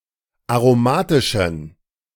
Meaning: inflection of aromatisch: 1. strong genitive masculine/neuter singular 2. weak/mixed genitive/dative all-gender singular 3. strong/weak/mixed accusative masculine singular 4. strong dative plural
- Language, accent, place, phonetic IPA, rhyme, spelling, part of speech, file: German, Germany, Berlin, [aʁoˈmaːtɪʃn̩], -aːtɪʃn̩, aromatischen, adjective, De-aromatischen.ogg